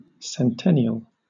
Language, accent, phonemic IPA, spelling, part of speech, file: English, Southern England, /sɛnˈtɛnɪəl/, centennial, adjective / noun, LL-Q1860 (eng)-centennial.wav
- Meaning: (adjective) 1. Relating to, or associated with, the commemoration of an event that happened a hundred years before 2. Happening once in a hundred years 3. Lasting or aged a hundred years